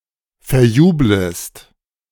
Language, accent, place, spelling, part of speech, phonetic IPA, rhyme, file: German, Germany, Berlin, verjublest, verb, [fɛɐ̯ˈjuːbləst], -uːbləst, De-verjublest.ogg
- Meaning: second-person singular subjunctive I of verjubeln